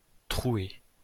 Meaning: feminine singular of troué
- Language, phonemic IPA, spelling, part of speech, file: French, /tʁu.e/, trouée, adjective, LL-Q150 (fra)-trouée.wav